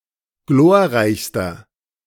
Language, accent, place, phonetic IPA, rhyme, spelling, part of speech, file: German, Germany, Berlin, [ˈɡloːɐ̯ˌʁaɪ̯çstɐ], -oːɐ̯ʁaɪ̯çstɐ, glorreichster, adjective, De-glorreichster.ogg
- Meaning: inflection of glorreich: 1. strong/mixed nominative masculine singular superlative degree 2. strong genitive/dative feminine singular superlative degree 3. strong genitive plural superlative degree